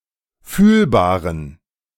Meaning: inflection of fühlbar: 1. strong genitive masculine/neuter singular 2. weak/mixed genitive/dative all-gender singular 3. strong/weak/mixed accusative masculine singular 4. strong dative plural
- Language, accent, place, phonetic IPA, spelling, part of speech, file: German, Germany, Berlin, [ˈfyːlbaːʁən], fühlbaren, adjective, De-fühlbaren.ogg